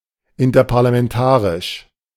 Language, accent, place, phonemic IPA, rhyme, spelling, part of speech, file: German, Germany, Berlin, /ˌɪntɐpaʁlamɛnˈtaːʁɪʃ/, -aːʁɪʃ, interparlamentarisch, adjective, De-interparlamentarisch.ogg
- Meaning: interparliamentary